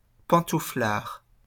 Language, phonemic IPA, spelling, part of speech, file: French, /pɑ̃.tu.flaʁ/, pantouflard, adjective / noun, LL-Q150 (fra)-pantouflard.wav
- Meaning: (adjective) stay-at-home; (noun) 1. couch potato, homebody 2. a member of the non-combatant "home guard" formed of older men during the Siege of Paris (1870–1871)